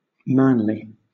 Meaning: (adjective) 1. Having the characteristics of a man 2. Having qualities viewed as befitting a man; masculine, manful, courageous, resolute, noble; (adverb) In a way befitting a man
- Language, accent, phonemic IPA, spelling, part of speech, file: English, Southern England, /ˈmænli/, manly, adjective / adverb, LL-Q1860 (eng)-manly.wav